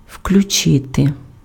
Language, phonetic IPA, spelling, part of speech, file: Ukrainian, [ʍklʲʊˈt͡ʃɪte], включити, verb, Uk-включити.ogg
- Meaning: 1. to switch on, to turn on (to turn a switch to the "on" position) 2. to enable (to activate a function of an electronic or mechanical device) 3. to include